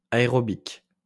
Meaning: aerobic
- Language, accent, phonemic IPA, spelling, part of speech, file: French, France, /a.e.ʁɔ.bik/, aérobique, adjective, LL-Q150 (fra)-aérobique.wav